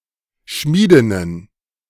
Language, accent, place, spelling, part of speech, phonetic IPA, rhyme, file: German, Germany, Berlin, Schmiedinnen, noun, [ˈʃmiːdɪnən], -iːdɪnən, De-Schmiedinnen.ogg
- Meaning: plural of Schmiedin